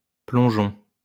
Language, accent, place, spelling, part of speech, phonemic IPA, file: French, France, Lyon, plongeon, noun, /plɔ̃.ʒɔ̃/, LL-Q150 (fra)-plongeon.wav
- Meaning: 1. dive (act of diving into water) 2. diving 3. loon (the bird)